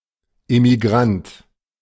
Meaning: emigrant (male or of unspecified gender)
- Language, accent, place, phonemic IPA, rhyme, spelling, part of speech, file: German, Germany, Berlin, /ʔemiˈɡʁant/, -ant, Emigrant, noun, De-Emigrant.ogg